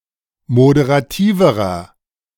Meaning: inflection of moderativ: 1. strong/mixed nominative masculine singular comparative degree 2. strong genitive/dative feminine singular comparative degree 3. strong genitive plural comparative degree
- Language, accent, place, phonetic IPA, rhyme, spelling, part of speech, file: German, Germany, Berlin, [modeʁaˈtiːvəʁɐ], -iːvəʁɐ, moderativerer, adjective, De-moderativerer.ogg